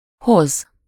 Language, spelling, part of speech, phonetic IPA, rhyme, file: Hungarian, hoz, verb, [ˈhoz], -oz, Hu-hoz.ogg
- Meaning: 1. to bring, to carry (optionally, some object for someone: -nak/-nek) 2. to set someone or something into a state (e.g. motion, excitement)